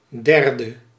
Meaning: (adjective) third; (noun) 1. a third (part) 2. third party
- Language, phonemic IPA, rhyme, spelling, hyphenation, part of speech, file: Dutch, /ˈdɛr.də/, -ɛrdə, derde, der‧de, adjective / noun, Nl-derde.ogg